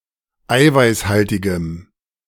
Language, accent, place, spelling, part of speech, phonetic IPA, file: German, Germany, Berlin, eiweißhaltigem, adjective, [ˈaɪ̯vaɪ̯sˌhaltɪɡəm], De-eiweißhaltigem.ogg
- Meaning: strong dative masculine/neuter singular of eiweißhaltig